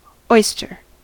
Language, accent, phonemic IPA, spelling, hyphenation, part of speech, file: English, General American, /ˈɔɪ.stɚ/, oyster, oy‧ster, noun / adjective / verb, En-us-oyster.ogg